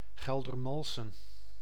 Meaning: a village and former municipality of West Betuwe, Gelderland, Netherlands
- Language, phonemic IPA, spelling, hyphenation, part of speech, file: Dutch, /ˌɣɛl.dərˈmɑl.sə(n)/, Geldermalsen, Gel‧der‧mal‧sen, proper noun, Nl-Geldermalsen.ogg